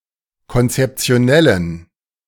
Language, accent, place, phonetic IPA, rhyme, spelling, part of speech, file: German, Germany, Berlin, [kɔnt͡sɛpt͡si̯oˈnɛlən], -ɛlən, konzeptionellen, adjective, De-konzeptionellen.ogg
- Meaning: inflection of konzeptionell: 1. strong genitive masculine/neuter singular 2. weak/mixed genitive/dative all-gender singular 3. strong/weak/mixed accusative masculine singular 4. strong dative plural